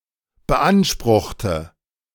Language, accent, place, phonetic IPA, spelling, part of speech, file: German, Germany, Berlin, [bəˈʔanʃpʁʊxtə], beanspruchte, adjective / verb, De-beanspruchte.ogg
- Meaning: inflection of beanspruchen: 1. first/third-person singular preterite 2. first/third-person singular subjunctive II